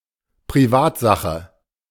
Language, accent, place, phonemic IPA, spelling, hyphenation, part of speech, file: German, Germany, Berlin, /priˈvaːtzaxə/, Privatsache, Pri‧vat‧sa‧che, noun, De-Privatsache.ogg
- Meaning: private matter, private affair